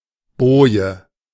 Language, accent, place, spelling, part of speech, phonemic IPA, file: German, Germany, Berlin, Boje, noun, /ˈboːjə/, De-Boje.ogg
- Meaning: buoy